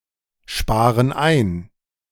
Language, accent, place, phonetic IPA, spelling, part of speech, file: German, Germany, Berlin, [ˌʃpaːʁən ˈaɪ̯n], sparen ein, verb, De-sparen ein.ogg
- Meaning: inflection of einsparen: 1. first/third-person plural present 2. first/third-person plural subjunctive I